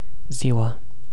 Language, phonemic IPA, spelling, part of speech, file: Romanian, /ˈziwa/, ziua, adverb / noun, Ro-ziua.ogg
- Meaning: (adverb) during the daytime; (noun) definite nominative/accusative singular of zi